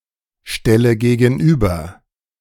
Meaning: inflection of gegenüberstellen: 1. first-person singular present 2. first/third-person singular subjunctive I 3. singular imperative
- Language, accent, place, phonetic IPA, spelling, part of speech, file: German, Germany, Berlin, [ˌʃtɛlə ɡeːɡn̩ˈʔyːbɐ], stelle gegenüber, verb, De-stelle gegenüber.ogg